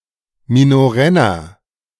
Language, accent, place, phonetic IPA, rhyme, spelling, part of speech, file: German, Germany, Berlin, [minoˈʁɛnɐ], -ɛnɐ, minorenner, adjective, De-minorenner.ogg
- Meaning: inflection of minorenn: 1. strong/mixed nominative masculine singular 2. strong genitive/dative feminine singular 3. strong genitive plural